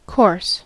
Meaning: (noun) 1. A sequence of events 2. A sequence of events.: A normal or customary sequence 3. A sequence of events.: A programme, a chosen manner of proceeding
- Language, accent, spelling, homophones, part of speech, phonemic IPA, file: English, General American, course, coarse, noun / verb / adverb, /kɔɹs/, En-us-course.ogg